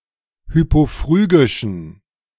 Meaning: inflection of hypophrygisch: 1. strong genitive masculine/neuter singular 2. weak/mixed genitive/dative all-gender singular 3. strong/weak/mixed accusative masculine singular 4. strong dative plural
- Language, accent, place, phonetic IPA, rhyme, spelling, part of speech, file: German, Germany, Berlin, [ˌhypoˈfʁyːɡɪʃn̩], -yːɡɪʃn̩, hypophrygischen, adjective, De-hypophrygischen.ogg